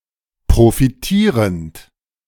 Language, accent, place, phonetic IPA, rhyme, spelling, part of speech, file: German, Germany, Berlin, [pʁofiˈtiːʁənt], -iːʁənt, profitierend, verb, De-profitierend.ogg
- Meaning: present participle of profitieren